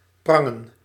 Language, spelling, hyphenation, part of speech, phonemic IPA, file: Dutch, prangen, pran‧gen, verb, /ˈprɑŋə(n)/, Nl-prangen.ogg
- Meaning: to press, to squeeze